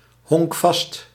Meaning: loyal or fixed to a place; unwilling to move to another city or country
- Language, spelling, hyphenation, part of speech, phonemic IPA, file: Dutch, honkvast, honk‧vast, noun, /ɦɔŋkˈfɑst/, Nl-honkvast.ogg